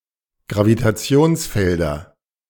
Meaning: nominative/accusative/genitive plural of Gravitationsfeld
- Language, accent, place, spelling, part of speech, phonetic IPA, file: German, Germany, Berlin, Gravitationsfelder, noun, [ɡʁavitaˈt͡si̯oːnsˌfɛldɐ], De-Gravitationsfelder.ogg